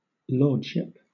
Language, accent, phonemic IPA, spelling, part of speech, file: English, Southern England, /ˈlɔːd.ʃɪp/, lordship, noun, LL-Q1860 (eng)-lordship.wav
- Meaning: 1. The state or condition of being a lord 2. Title applied to a lord, bishop, judge, or another man with a title